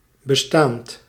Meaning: present participle of bestaan
- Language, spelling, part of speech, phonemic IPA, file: Dutch, bestaand, verb / adjective, /bəˈstant/, Nl-bestaand.ogg